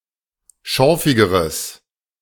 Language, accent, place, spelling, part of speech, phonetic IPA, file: German, Germany, Berlin, schorfigeres, adjective, [ˈʃɔʁfɪɡəʁəs], De-schorfigeres.ogg
- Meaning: strong/mixed nominative/accusative neuter singular comparative degree of schorfig